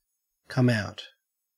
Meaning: 1. Used other than figuratively or idiomatically: see come, out 2. To be discovered; to be revealed 3. To be published or released; to be issued; to be broadcast for the first time
- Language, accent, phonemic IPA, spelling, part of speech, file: English, Australia, /ˌkʌm ˈaʊt/, come out, verb, En-au-come out.ogg